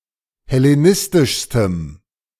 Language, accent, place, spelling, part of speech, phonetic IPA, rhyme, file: German, Germany, Berlin, hellenistischstem, adjective, [hɛleˈnɪstɪʃstəm], -ɪstɪʃstəm, De-hellenistischstem.ogg
- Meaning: strong dative masculine/neuter singular superlative degree of hellenistisch